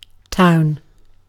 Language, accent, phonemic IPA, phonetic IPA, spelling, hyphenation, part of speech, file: English, UK, /ˈtaʊ̯n/, [ˈtʰaʊ̯n], town, town, noun, En-uk-town.ogg